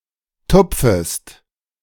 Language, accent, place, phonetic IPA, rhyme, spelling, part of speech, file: German, Germany, Berlin, [ˈtʊp͡fəst], -ʊp͡fəst, tupfest, verb, De-tupfest.ogg
- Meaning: second-person singular subjunctive I of tupfen